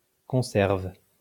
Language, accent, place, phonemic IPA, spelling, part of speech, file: French, France, Lyon, /kɔ̃.sɛʁv/, conserve, noun / verb, LL-Q150 (fra)-conserve.wav
- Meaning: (noun) canned food, preserve; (verb) inflection of conserver: 1. first/third-person singular present indicative/subjunctive 2. second-person singular imperative